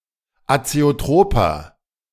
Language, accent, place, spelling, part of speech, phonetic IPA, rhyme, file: German, Germany, Berlin, azeotroper, adjective, [at͡seoˈtʁoːpɐ], -oːpɐ, De-azeotroper.ogg
- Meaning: inflection of azeotrop: 1. strong/mixed nominative masculine singular 2. strong genitive/dative feminine singular 3. strong genitive plural